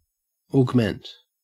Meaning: 1. To increase; to make larger or supplement 2. To grow; to increase; to become greater 3. To slow the tempo or meter, e.g. for a dramatic or stately passage
- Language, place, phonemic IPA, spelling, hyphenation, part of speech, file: English, Queensland, /oːɡˈment/, augment, aug‧ment, verb, En-au-augment.ogg